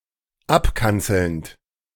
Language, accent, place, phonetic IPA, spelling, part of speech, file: German, Germany, Berlin, [ˈapˌkant͡sl̩nt], abkanzelnd, verb, De-abkanzelnd.ogg
- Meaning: present participle of abkanzeln